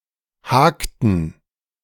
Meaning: inflection of haken: 1. first/third-person plural preterite 2. first/third-person plural subjunctive II
- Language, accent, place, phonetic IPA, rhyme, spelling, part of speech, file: German, Germany, Berlin, [ˈhaːktn̩], -aːktn̩, hakten, verb, De-hakten.ogg